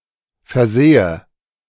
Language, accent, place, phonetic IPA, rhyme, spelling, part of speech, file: German, Germany, Berlin, [fɛɐ̯ˈzeːə], -eːə, versehe, verb, De-versehe.ogg
- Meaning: inflection of versehen: 1. first-person singular present 2. first/third-person singular subjunctive I